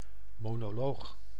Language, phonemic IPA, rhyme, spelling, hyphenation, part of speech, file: Dutch, /ˌmoː.noːˈloːx/, -oːx, monoloog, mo‧no‧loog, noun, Nl-monoloog.ogg
- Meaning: monologue